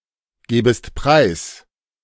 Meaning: second-person singular subjunctive II of preisgeben
- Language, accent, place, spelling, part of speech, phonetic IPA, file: German, Germany, Berlin, gäbest preis, verb, [ˌɡɛːbəst ˈpʁaɪ̯s], De-gäbest preis.ogg